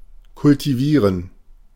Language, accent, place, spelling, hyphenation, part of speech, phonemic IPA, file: German, Germany, Berlin, kultivieren, kul‧ti‧vie‧ren, verb, /kʊltiˈviːʁən/, De-kultivieren.ogg
- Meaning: to cultivate